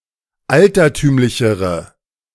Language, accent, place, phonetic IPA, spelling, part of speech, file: German, Germany, Berlin, [ˈaltɐˌtyːmlɪçəʁə], altertümlichere, adjective, De-altertümlichere.ogg
- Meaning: inflection of altertümlich: 1. strong/mixed nominative/accusative feminine singular comparative degree 2. strong nominative/accusative plural comparative degree